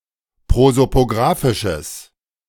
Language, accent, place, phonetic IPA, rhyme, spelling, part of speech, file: German, Germany, Berlin, [ˌpʁozopoˈɡʁaːfɪʃəs], -aːfɪʃəs, prosopografisches, adjective, De-prosopografisches.ogg
- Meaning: strong/mixed nominative/accusative neuter singular of prosopografisch